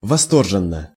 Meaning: enthusiastically, rapturously
- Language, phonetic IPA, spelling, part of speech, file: Russian, [vɐˈstorʐɨn(ː)ə], восторженно, adverb, Ru-восторженно.ogg